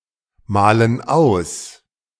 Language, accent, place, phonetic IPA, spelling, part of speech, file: German, Germany, Berlin, [ˌmaːlən ˈaʊ̯s], malen aus, verb, De-malen aus.ogg
- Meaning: inflection of ausmalen: 1. first/third-person plural present 2. first/third-person plural subjunctive I